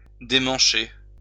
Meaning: 1. to take off the handle 2. to lose its handle 3. to go wrong 4. to get out of the channel 5. to shift
- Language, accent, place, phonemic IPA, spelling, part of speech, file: French, France, Lyon, /de.mɑ̃.ʃe/, démancher, verb, LL-Q150 (fra)-démancher.wav